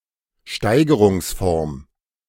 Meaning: degree of comparison, that is positive, comparative or superlative
- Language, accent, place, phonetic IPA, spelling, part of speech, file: German, Germany, Berlin, [ˈʃtaɪ̯ɡəʁʊŋsˌfɔʁm], Steigerungsform, noun, De-Steigerungsform.ogg